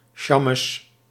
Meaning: shamash or gabbai, a sexton in a synagogue
- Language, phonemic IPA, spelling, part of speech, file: Dutch, /ˈʃɑməs/, sjammes, noun, Nl-sjammes.ogg